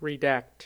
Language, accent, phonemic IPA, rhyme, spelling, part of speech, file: English, US, /ɹɪˈdækt/, -ækt, redact, verb, En-us-redact.ogg
- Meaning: To censor, to black out or remove parts of a document while leaving the remainder